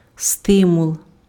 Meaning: 1. stimulus 2. incentive
- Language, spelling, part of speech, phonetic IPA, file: Ukrainian, стимул, noun, [ˈstɪmʊɫ], Uk-стимул.ogg